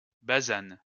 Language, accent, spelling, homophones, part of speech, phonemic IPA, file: French, France, basane, basanent / basanes, verb, /ba.zan/, LL-Q150 (fra)-basane.wav
- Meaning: inflection of basaner: 1. first/third-person singular present indicative/subjunctive 2. second-person singular imperative